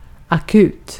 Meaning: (adjective) 1. critical (as might warrant immediate action); (extremely) urgent, an emergency, etc 2. acute 3. acute (of an accent or tone); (noun) (the) emergency department, (the) emergency room
- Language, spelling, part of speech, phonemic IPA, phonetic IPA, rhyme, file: Swedish, akut, adjective / noun, /aˈkʉːt/, [aˈkʉ̟ːt̪], -ʉːt, Sv-akut.ogg